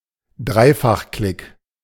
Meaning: triple-click
- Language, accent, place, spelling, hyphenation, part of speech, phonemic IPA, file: German, Germany, Berlin, Dreifachklick, Drei‧fach‧klick, noun, /ˈdʁaɪ̯faχˌklɪk/, De-Dreifachklick.ogg